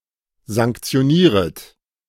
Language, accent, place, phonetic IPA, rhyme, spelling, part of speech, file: German, Germany, Berlin, [zaŋkt͡si̯oˈniːʁət], -iːʁət, sanktionieret, verb, De-sanktionieret.ogg
- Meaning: second-person plural subjunctive I of sanktionieren